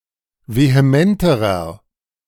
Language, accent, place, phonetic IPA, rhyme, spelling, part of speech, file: German, Germany, Berlin, [veheˈmɛntəʁɐ], -ɛntəʁɐ, vehementerer, adjective, De-vehementerer.ogg
- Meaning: inflection of vehement: 1. strong/mixed nominative masculine singular comparative degree 2. strong genitive/dative feminine singular comparative degree 3. strong genitive plural comparative degree